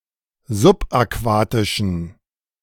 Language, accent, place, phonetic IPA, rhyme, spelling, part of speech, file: German, Germany, Berlin, [zʊpʔaˈkvaːtɪʃn̩], -aːtɪʃn̩, subaquatischen, adjective, De-subaquatischen.ogg
- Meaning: inflection of subaquatisch: 1. strong genitive masculine/neuter singular 2. weak/mixed genitive/dative all-gender singular 3. strong/weak/mixed accusative masculine singular 4. strong dative plural